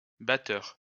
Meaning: plural of batteur
- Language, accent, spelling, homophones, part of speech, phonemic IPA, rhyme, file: French, France, batteurs, batteur, noun, /ba.tœʁ/, -œʁ, LL-Q150 (fra)-batteurs.wav